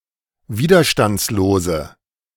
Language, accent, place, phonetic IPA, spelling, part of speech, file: German, Germany, Berlin, [ˈviːdɐʃtant͡sloːzə], widerstandslose, adjective, De-widerstandslose.ogg
- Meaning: inflection of widerstandslos: 1. strong/mixed nominative/accusative feminine singular 2. strong nominative/accusative plural 3. weak nominative all-gender singular